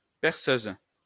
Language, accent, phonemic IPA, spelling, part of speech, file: French, France, /pɛʁ.søz/, perceuse, noun, LL-Q150 (fra)-perceuse.wav
- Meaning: drill (tool)